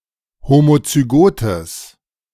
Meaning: strong/mixed nominative/accusative neuter singular of homozygot
- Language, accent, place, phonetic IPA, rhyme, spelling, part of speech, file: German, Germany, Berlin, [ˌhomot͡syˈɡoːtəs], -oːtəs, homozygotes, adjective, De-homozygotes.ogg